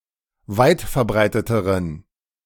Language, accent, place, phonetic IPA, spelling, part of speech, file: German, Germany, Berlin, [ˈvaɪ̯tfɛɐ̯ˌbʁaɪ̯tətəʁən], weitverbreiteteren, adjective, De-weitverbreiteteren.ogg
- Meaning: inflection of weitverbreitet: 1. strong genitive masculine/neuter singular comparative degree 2. weak/mixed genitive/dative all-gender singular comparative degree